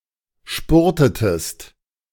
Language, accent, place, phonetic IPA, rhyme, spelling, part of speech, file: German, Germany, Berlin, [ˈʃpʊʁtətəst], -ʊʁtətəst, spurtetest, verb, De-spurtetest.ogg
- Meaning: inflection of spurten: 1. second-person singular preterite 2. second-person singular subjunctive II